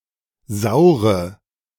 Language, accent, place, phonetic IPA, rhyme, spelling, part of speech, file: German, Germany, Berlin, [ˈzaʊ̯ʁə], -aʊ̯ʁə, saure, adjective / verb, De-saure.ogg
- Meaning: Inflected form of sauer